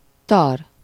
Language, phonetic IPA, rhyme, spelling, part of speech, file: Hungarian, [ˈtɒr], -ɒr, tar, adjective, Hu-tar.ogg
- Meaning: bald